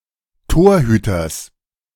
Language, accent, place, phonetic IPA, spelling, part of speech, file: German, Germany, Berlin, [ˈtoːɐ̯ˌhyːtɐs], Torhüters, noun, De-Torhüters.ogg
- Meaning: genitive singular of Torhüter